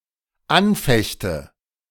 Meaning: inflection of anfechten: 1. first-person singular dependent present 2. first/third-person singular dependent subjunctive I
- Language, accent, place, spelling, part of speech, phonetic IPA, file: German, Germany, Berlin, anfechte, verb, [ˈanˌfɛçtə], De-anfechte.ogg